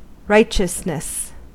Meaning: 1. The quality or state of being righteous 2. Holiness; conformity of life to the divine law 3. A righteous act or quality 4. The behaviour of someone who is righteous
- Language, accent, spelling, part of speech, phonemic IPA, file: English, US, righteousness, noun, /ˈɹaɪt͡ʃəsnəs/, En-us-righteousness.ogg